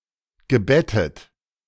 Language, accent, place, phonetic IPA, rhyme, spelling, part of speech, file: German, Germany, Berlin, [ɡəˈbɛtət], -ɛtət, gebettet, verb, De-gebettet.ogg
- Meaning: past participle of betten